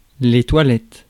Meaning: 1. plural of toilette 2. toilet, lavatory
- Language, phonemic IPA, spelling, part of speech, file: French, /twa.lɛt/, toilettes, noun, Fr-toilettes.ogg